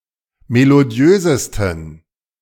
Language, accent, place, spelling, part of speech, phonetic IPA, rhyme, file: German, Germany, Berlin, melodiösesten, adjective, [meloˈdi̯øːzəstn̩], -øːzəstn̩, De-melodiösesten.ogg
- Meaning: 1. superlative degree of melodiös 2. inflection of melodiös: strong genitive masculine/neuter singular superlative degree